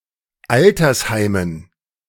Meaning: dative plural of Altersheim
- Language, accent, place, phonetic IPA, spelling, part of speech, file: German, Germany, Berlin, [ˈaltɐsˌhaɪ̯mən], Altersheimen, noun, De-Altersheimen.ogg